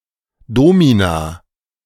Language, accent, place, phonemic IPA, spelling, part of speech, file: German, Germany, Berlin, /ˈdoːmina/, Domina, noun, De-Domina.ogg
- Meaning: 1. dominatrix (dominant woman in sadomasochism) 2. synonym of Oberin (“leader of a convent”)